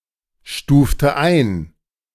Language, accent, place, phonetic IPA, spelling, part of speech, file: German, Germany, Berlin, [ˌʃtuːftə ˈaɪ̯n], stufte ein, verb, De-stufte ein.ogg
- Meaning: inflection of einstufen: 1. first/third-person singular preterite 2. first/third-person singular subjunctive II